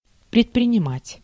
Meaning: to undertake, to endeavour
- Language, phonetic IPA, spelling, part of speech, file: Russian, [prʲɪtprʲɪnʲɪˈmatʲ], предпринимать, verb, Ru-предпринимать.ogg